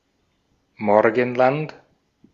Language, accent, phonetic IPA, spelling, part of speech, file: German, Austria, [ˈmɔʁɡn̩ˌlant], Morgenland, noun, De-at-Morgenland.ogg
- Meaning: Orient, lands of morning